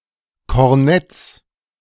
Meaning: 1. genitive singular of Kornett 2. plural of Kornett
- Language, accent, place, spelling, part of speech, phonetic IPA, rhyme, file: German, Germany, Berlin, Kornetts, noun, [kɔʁˈnɛt͡s], -ɛt͡s, De-Kornetts.ogg